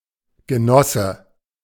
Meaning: 1. partner in something, mate 2. comrade, fellow socialist or communist 3. a member of the SPD, the German social democratic party
- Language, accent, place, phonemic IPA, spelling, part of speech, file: German, Germany, Berlin, /ɡəˈnɔsə/, Genosse, noun, De-Genosse.ogg